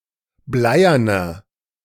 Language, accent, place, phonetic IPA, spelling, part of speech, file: German, Germany, Berlin, [ˈblaɪ̯ɐnɐ], bleierner, adjective, De-bleierner.ogg
- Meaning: 1. comparative degree of bleiern 2. inflection of bleiern: strong/mixed nominative masculine singular 3. inflection of bleiern: strong genitive/dative feminine singular